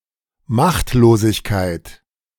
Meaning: powerlessness, helplessness
- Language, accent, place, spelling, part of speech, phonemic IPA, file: German, Germany, Berlin, Machtlosigkeit, noun, /ˈmaχtloːzɪçkaɪt/, De-Machtlosigkeit.ogg